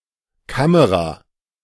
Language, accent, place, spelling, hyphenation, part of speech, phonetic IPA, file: German, Germany, Berlin, Kamera, Ka‧me‧ra, noun, [ˈkaməʁa], De-Kamera.ogg
- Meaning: camera (device for taking photographs or filming)